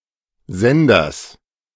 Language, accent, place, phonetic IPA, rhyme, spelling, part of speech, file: German, Germany, Berlin, [ˈzɛndɐs], -ɛndɐs, Senders, noun, De-Senders.ogg
- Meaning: genitive singular of Sender